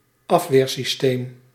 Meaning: immune system
- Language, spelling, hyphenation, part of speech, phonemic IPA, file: Dutch, afweersysteem, af‧weer‧sys‧teem, noun, /ˈɑf.ʋeːr.siˌsteːm/, Nl-afweersysteem.ogg